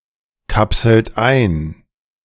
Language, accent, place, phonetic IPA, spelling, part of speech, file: German, Germany, Berlin, [ˌkapsl̩t ˈaɪ̯n], kapselt ein, verb, De-kapselt ein.ogg
- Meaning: inflection of einkapseln: 1. third-person singular present 2. second-person plural present 3. plural imperative